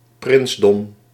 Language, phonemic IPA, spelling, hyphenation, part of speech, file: Dutch, /ˈprɪnsdɔm/, prinsdom, prins‧dom, noun, Nl-prinsdom.ogg
- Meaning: principality (sovereign state)